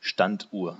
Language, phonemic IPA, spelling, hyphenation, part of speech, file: German, /ˈʃtantˌʔuːɐ̯/, Standuhr, Stand‧uhr, noun, De-Standuhr.ogg
- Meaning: grandfather clock, longcase clock